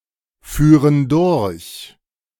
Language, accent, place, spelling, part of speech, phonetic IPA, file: German, Germany, Berlin, führen durch, verb, [ˌfyːʁən ˈdʊʁç], De-führen durch.ogg
- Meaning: first/third-person plural subjunctive II of durchfahren